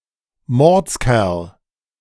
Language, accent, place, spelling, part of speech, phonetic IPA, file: German, Germany, Berlin, Mordskerl, noun, [ˈmɔʁt͡sˌkɛʁl], De-Mordskerl.ogg
- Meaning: 1. big strong guy 2. great guy